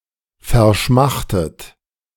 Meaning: 1. past participle of verschmachten 2. inflection of verschmachten: third-person singular present 3. inflection of verschmachten: second-person plural present
- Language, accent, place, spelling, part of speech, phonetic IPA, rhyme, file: German, Germany, Berlin, verschmachtet, verb, [fɛɐ̯ˈʃmaxtət], -axtət, De-verschmachtet.ogg